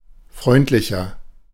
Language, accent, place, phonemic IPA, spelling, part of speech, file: German, Germany, Berlin, /ˈfʁɔɪ̯ntlɪçɐ/, freundlicher, adjective, De-freundlicher.ogg
- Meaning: 1. comparative degree of freundlich 2. inflection of freundlich: strong/mixed nominative masculine singular 3. inflection of freundlich: strong genitive/dative feminine singular